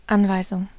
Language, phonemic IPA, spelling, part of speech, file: German, /ˈʔanˌvaɪ̯zʊŋ/, Anweisung, noun, De-Anweisung.ogg
- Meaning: 1. directive, order 2. instructions